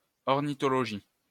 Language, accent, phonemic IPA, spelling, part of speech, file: French, France, /ɔʁ.ni.tɔ.lɔ.ʒi/, ornithologie, noun, LL-Q150 (fra)-ornithologie.wav
- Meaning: ornithology